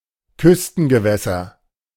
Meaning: coastal waters
- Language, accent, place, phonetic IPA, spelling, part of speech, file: German, Germany, Berlin, [ˈkʏstn̩ɡəˌvɛsɐ], Küstengewässer, noun, De-Küstengewässer.ogg